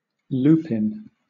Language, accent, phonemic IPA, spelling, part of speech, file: English, Southern England, /ˈluː.pɪn/, lupine, noun, LL-Q1860 (eng)-lupine.wav
- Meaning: North American English form of lupin (any plant of the genus Lupinus; an edible legume seed of one of these plants)